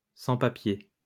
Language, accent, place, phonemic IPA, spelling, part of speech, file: French, France, Lyon, /sɑ̃.pa.pje/, sans-papiers, noun, LL-Q150 (fra)-sans-papiers.wav
- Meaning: undocumented immigrant, illegal immigrant (immigrant without the proper work permits or identification)